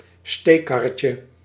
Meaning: diminutive of steekkar
- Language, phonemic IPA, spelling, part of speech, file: Dutch, /ˈstekɑrəcə/, steekkarretje, noun, Nl-steekkarretje.ogg